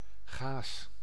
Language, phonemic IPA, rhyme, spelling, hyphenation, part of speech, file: Dutch, /ɣaːs/, -aːs, gaas, gaas, noun, Nl-gaas.ogg
- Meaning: gauze, mesh, wire gauze